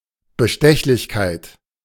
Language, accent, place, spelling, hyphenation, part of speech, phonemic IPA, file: German, Germany, Berlin, Bestechlichkeit, Be‧stech‧lich‧keit, noun, /bəˈʃtɛçlɪçkaɪ̯t/, De-Bestechlichkeit.ogg
- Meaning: corruptibility, bribability, openness to bribery